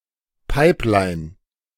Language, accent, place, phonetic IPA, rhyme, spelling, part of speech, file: German, Germany, Berlin, [ˈpaɪ̯plaɪ̯n], -aɪ̯plaɪ̯n, Pipeline, noun, De-Pipeline.ogg
- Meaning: pipeline (conduit made of pipes used to convey petroleum or gas)